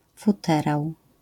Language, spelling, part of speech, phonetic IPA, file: Polish, futerał, noun, [fuˈtɛraw], LL-Q809 (pol)-futerał.wav